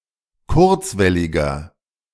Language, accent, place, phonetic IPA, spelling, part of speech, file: German, Germany, Berlin, [ˈkʊʁt͡svɛlɪɡɐ], kurzwelliger, adjective, De-kurzwelliger.ogg
- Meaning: inflection of kurzwellig: 1. strong/mixed nominative masculine singular 2. strong genitive/dative feminine singular 3. strong genitive plural